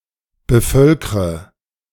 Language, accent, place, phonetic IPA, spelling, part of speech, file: German, Germany, Berlin, [bəˈfœlkʁə], bevölkre, verb, De-bevölkre.ogg
- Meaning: inflection of bevölkern: 1. first-person singular present 2. first/third-person singular subjunctive I 3. singular imperative